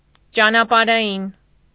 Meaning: of or pertaining to road, travelling
- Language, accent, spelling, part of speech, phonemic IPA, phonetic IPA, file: Armenian, Eastern Armenian, ճանապարհային, adjective, /t͡ʃɑnɑpɑɾɑˈjin/, [t͡ʃɑnɑpɑɾɑjín], Hy-ճանապարհային.ogg